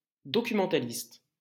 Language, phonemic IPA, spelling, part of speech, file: French, /dɔ.ky.mɑ̃.ta.list/, documentaliste, noun, LL-Q150 (fra)-documentaliste.wav
- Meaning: documentalist